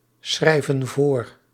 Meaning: inflection of voorschrijven: 1. plural present indicative 2. plural present subjunctive
- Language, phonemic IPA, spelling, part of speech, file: Dutch, /ˈsxrɛivə(n) ˈvor/, schrijven voor, verb, Nl-schrijven voor.ogg